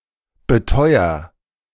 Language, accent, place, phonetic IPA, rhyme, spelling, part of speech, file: German, Germany, Berlin, [bəˈtɔɪ̯ɐ], -ɔɪ̯ɐ, beteuer, verb, De-beteuer.ogg
- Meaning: inflection of beteuern: 1. first-person singular present 2. singular imperative